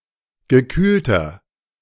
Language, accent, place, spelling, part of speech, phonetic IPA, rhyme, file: German, Germany, Berlin, gekühlter, adjective, [ɡəˈkyːltɐ], -yːltɐ, De-gekühlter.ogg
- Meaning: inflection of gekühlt: 1. strong/mixed nominative masculine singular 2. strong genitive/dative feminine singular 3. strong genitive plural